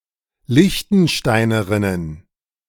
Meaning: plural of Liechtensteinerin
- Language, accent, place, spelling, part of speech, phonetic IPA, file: German, Germany, Berlin, Liechtensteinerinnen, noun, [ˈlɪçtn̩ˌʃtaɪ̯nəʁɪnən], De-Liechtensteinerinnen.ogg